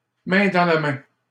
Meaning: hand in hand, together
- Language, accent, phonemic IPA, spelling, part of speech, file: French, Canada, /mɛ̃ dɑ̃ la mɛ̃/, main dans la main, adverb, LL-Q150 (fra)-main dans la main.wav